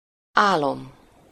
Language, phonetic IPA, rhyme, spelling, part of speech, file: Hungarian, [ˈaːlom], -om, álom, noun, Hu-álom.ogg
- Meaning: 1. dream (imaginary events seen in the mind while sleeping) 2. construed with -ban or -ból: sleep (the state of being asleep) 3. sleepiness, drowsiness